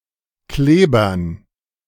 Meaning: dative plural of Kleber
- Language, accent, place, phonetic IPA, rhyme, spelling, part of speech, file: German, Germany, Berlin, [ˈkleːbɐn], -eːbɐn, Klebern, noun, De-Klebern.ogg